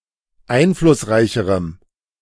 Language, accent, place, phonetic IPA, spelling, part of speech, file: German, Germany, Berlin, [ˈaɪ̯nflʊsˌʁaɪ̯çəʁəm], einflussreicherem, adjective, De-einflussreicherem.ogg
- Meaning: strong dative masculine/neuter singular comparative degree of einflussreich